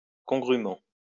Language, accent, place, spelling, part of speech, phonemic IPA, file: French, France, Lyon, congrument, adverb, /kɔ̃.ɡʁy.mɑ̃/, LL-Q150 (fra)-congrument.wav
- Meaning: alternative form of congrûment